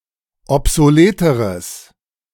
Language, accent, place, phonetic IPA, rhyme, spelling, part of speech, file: German, Germany, Berlin, [ɔpzoˈleːtəʁəs], -eːtəʁəs, obsoleteres, adjective, De-obsoleteres.ogg
- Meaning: strong/mixed nominative/accusative neuter singular comparative degree of obsolet